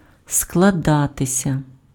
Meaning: 1. to form, to be formed, to develop, to turn out, to take shape, to arise 2. to consist, to be composed, to be made up (of: з + genitive) 3. to club together, to pool (with)
- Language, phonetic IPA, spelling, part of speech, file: Ukrainian, [skɫɐˈdatesʲɐ], складатися, verb, Uk-складатися.ogg